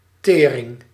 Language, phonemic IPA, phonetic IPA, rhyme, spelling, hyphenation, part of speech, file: Dutch, /ˈteː.rɪŋ/, [ˈtɪː.rɪŋ], -eːrɪŋ, tering, te‧ring, noun / interjection, Nl-tering.ogg
- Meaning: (noun) 1. expenses 2. tuberculosis; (interjection) shit! damn!